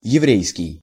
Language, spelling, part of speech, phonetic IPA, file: Russian, еврейский, adjective, [(j)ɪˈvrʲejskʲɪj], Ru-еврейский.ogg
- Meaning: 1. Jewish 2. Hebrew 3. Yiddish